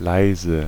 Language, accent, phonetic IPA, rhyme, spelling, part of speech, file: German, Germany, [ˈlaɪ̯.zə], -aɪ̯zə, leise, adjective / adverb, De-leise.ogg
- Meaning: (adjective) 1. quiet, soft, low 2. slight, faint, light; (adverb) 1. quietly, softly, low 2. slightly, faintly, lightly